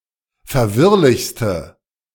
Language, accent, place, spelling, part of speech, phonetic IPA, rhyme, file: German, Germany, Berlin, verwirrlichste, adjective, [fɛɐ̯ˈvɪʁlɪçstə], -ɪʁlɪçstə, De-verwirrlichste.ogg
- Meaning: inflection of verwirrlich: 1. strong/mixed nominative/accusative feminine singular superlative degree 2. strong nominative/accusative plural superlative degree